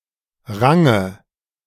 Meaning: 1. boisterous, cheeky child 2. dative singular of Rang
- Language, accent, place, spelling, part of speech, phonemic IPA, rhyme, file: German, Germany, Berlin, Range, noun, /ˈʁaŋə/, -aŋə, De-Range.ogg